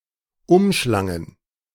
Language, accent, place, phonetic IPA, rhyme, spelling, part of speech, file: German, Germany, Berlin, [ˈʊmˌʃlaŋən], -ʊmʃlaŋən, umschlangen, verb, De-umschlangen.ogg
- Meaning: first/third-person plural preterite of umschlingen